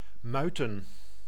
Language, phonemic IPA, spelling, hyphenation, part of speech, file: Dutch, /ˈmœy̯.tə(n)/, muiten, mui‧ten, verb, Nl-muiten.ogg
- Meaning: 1. to mutiny 2. to moult